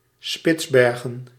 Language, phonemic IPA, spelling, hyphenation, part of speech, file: Dutch, /ˈspɪtsˌbɛr.ɣə(n)/, Spitsbergen, Spits‧ber‧gen, proper noun, Nl-Spitsbergen.ogg
- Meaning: 1. Svalbard (an archipelago, territory, and unincorporated area of Norway northeast of Greenland, in the Arctic Ocean) 2. Spitsbergen (the largest island of the Svalbard archipelago)